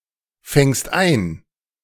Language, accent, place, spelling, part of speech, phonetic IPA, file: German, Germany, Berlin, fängst ein, verb, [ˌfɛŋst ˈaɪ̯n], De-fängst ein.ogg
- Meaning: second-person singular present of einfangen